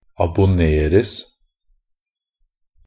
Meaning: passive of abonnere
- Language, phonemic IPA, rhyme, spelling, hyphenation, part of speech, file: Norwegian Bokmål, /abʊˈneːrəs/, -əs, abonneres, ab‧on‧ner‧es, verb, NB - Pronunciation of Norwegian Bokmål «abonneres».ogg